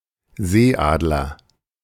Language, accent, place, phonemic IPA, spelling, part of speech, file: German, Germany, Berlin, /ˈzeːˌʔaːdlɐ/, Seeadler, noun, De-Seeadler.ogg
- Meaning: 1. white-tailed eagle (Haliaeetus albicilla) 2. sea eagle